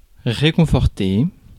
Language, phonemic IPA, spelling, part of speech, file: French, /ʁe.kɔ̃.fɔʁ.te/, réconforter, verb, Fr-réconforter.ogg
- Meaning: to comfort